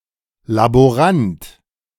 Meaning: laboratory assistant
- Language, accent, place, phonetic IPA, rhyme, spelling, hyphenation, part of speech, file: German, Germany, Berlin, [laboˈʁant], -ant, Laborant, La‧bo‧rant, noun, De-Laborant.ogg